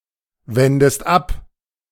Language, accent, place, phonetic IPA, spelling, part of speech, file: German, Germany, Berlin, [ˌvɛndəst ˈap], wendest ab, verb, De-wendest ab.ogg
- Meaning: inflection of abwenden: 1. second-person singular present 2. second-person singular subjunctive I